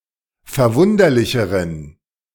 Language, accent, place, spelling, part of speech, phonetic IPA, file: German, Germany, Berlin, verwunderlicheren, adjective, [fɛɐ̯ˈvʊndɐlɪçəʁən], De-verwunderlicheren.ogg
- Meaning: inflection of verwunderlich: 1. strong genitive masculine/neuter singular comparative degree 2. weak/mixed genitive/dative all-gender singular comparative degree